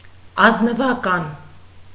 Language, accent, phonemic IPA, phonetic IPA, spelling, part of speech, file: Armenian, Eastern Armenian, /ɑznəvɑˈkɑn/, [ɑznəvɑkɑ́n], ազնվական, noun, Hy-ազնվական.ogg
- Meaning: nobleman, noblewoman